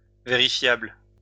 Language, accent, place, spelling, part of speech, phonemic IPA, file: French, France, Lyon, vérifiable, adjective, /ve.ʁi.fjabl/, LL-Q150 (fra)-vérifiable.wav
- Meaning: verifiable (able to be verified or confirmed)